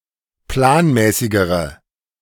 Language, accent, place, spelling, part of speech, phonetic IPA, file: German, Germany, Berlin, planmäßigere, adjective, [ˈplaːnˌmɛːsɪɡəʁə], De-planmäßigere.ogg
- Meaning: inflection of planmäßig: 1. strong/mixed nominative/accusative feminine singular comparative degree 2. strong nominative/accusative plural comparative degree